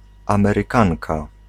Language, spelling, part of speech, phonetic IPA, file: Polish, Amerykanka, noun, [ˌãmɛrɨˈkãnka], Pl-Amerykanka.ogg